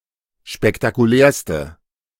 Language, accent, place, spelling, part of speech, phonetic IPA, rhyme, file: German, Germany, Berlin, spektakulärste, adjective, [ʃpɛktakuˈlɛːɐ̯stə], -ɛːɐ̯stə, De-spektakulärste.ogg
- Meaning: inflection of spektakulär: 1. strong/mixed nominative/accusative feminine singular superlative degree 2. strong nominative/accusative plural superlative degree